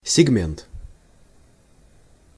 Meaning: 1. segment 2. class (of vehicles)
- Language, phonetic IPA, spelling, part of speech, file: Russian, [sʲɪɡˈmʲent], сегмент, noun, Ru-сегмент.ogg